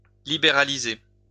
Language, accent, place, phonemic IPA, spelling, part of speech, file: French, France, Lyon, /li.be.ʁa.li.ze/, libéraliser, verb, LL-Q150 (fra)-libéraliser.wav
- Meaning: to liberalize (to make liberal)